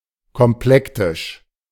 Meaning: complected; complex
- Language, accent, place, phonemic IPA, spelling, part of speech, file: German, Germany, Berlin, /kɔmˈplɛktɪʃ/, komplektisch, adjective, De-komplektisch.ogg